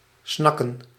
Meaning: 1. to open the mouth greedily 2. to strongly desire, to crave
- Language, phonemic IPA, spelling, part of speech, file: Dutch, /ˈsnɑ.kə(n)/, snakken, verb, Nl-snakken.ogg